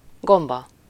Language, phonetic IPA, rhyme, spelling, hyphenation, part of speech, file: Hungarian, [ˈɡombɒ], -bɒ, gomba, gom‧ba, noun, Hu-gomba.ogg
- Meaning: mushroom, fungus